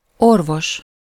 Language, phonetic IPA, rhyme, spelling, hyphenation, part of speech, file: Hungarian, [ˈorvoʃ], -oʃ, orvos, or‧vos, noun, Hu-orvos.ogg
- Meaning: 1. doctor, physician 2. healer, remedy